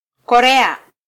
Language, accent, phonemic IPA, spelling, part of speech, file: Swahili, Kenya, /kɔˈɾɛ.ɑ/, Korea, proper noun, Sw-ke-Korea.flac
- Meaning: Korea (a geographic region in East Asia, consisting of two countries, commonly known as South Korea and North Korea; formerly a single country)